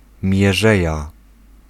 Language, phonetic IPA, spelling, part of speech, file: Polish, [mʲjɛˈʒɛja], mierzeja, noun, Pl-mierzeja.ogg